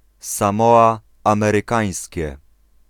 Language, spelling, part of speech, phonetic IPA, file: Polish, Samoa Amerykańskie, proper noun, [sãˈmɔa ˌãmɛrɨˈkãj̃sʲcɛ], Pl-Samoa Amerykańskie.ogg